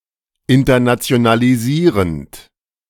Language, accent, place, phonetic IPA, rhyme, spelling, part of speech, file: German, Germany, Berlin, [ɪntɐnat͡si̯onaliˈziːʁənt], -iːʁənt, internationalisierend, verb, De-internationalisierend.ogg
- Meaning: present participle of internationalisieren